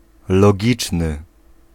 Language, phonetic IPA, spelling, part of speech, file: Polish, [lɔˈɟit͡ʃnɨ], logiczny, adjective, Pl-logiczny.ogg